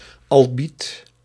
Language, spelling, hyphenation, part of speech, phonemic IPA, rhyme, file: Dutch, albiet, al‧biet, noun, /ɑlˈbit/, -it, Nl-albiet.ogg
- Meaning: albite